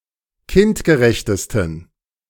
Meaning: 1. superlative degree of kindgerecht 2. inflection of kindgerecht: strong genitive masculine/neuter singular superlative degree
- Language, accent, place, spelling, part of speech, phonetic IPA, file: German, Germany, Berlin, kindgerechtesten, adjective, [ˈkɪntɡəˌʁɛçtəstn̩], De-kindgerechtesten.ogg